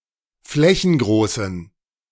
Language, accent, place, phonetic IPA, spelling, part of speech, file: German, Germany, Berlin, [ˈflɛçn̩ˌɡʁoːsn̩], flächengroßen, adjective, De-flächengroßen.ogg
- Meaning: inflection of flächengroß: 1. strong genitive masculine/neuter singular 2. weak/mixed genitive/dative all-gender singular 3. strong/weak/mixed accusative masculine singular 4. strong dative plural